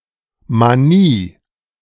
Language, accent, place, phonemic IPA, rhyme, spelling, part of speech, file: German, Germany, Berlin, /maˈniː/, -iː, Manie, noun, De-Manie.ogg
- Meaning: 1. mania 2. strange compulsion, tic, fixation, mania (but perhaps weaker than in English, touches on unrelated Manier (“mannerism”))